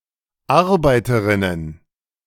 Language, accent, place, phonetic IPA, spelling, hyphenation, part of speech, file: German, Germany, Berlin, [ˈaʁbaɪ̯təʀɪnən], Arbeiterinnen, Ar‧bei‧te‧rin‧nen, noun, De-Arbeiterinnen.ogg
- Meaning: plural of Arbeiterin